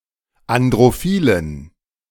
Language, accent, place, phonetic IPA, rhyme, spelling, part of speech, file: German, Germany, Berlin, [andʁoˈfiːlən], -iːlən, androphilen, adjective, De-androphilen.ogg
- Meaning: inflection of androphil: 1. strong genitive masculine/neuter singular 2. weak/mixed genitive/dative all-gender singular 3. strong/weak/mixed accusative masculine singular 4. strong dative plural